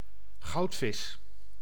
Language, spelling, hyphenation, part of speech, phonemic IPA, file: Dutch, goudvis, goud‧vis, noun, /ˈɣɑu̯t.fɪs/, Nl-goudvis.ogg
- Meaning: goldfish (Carassius auratus)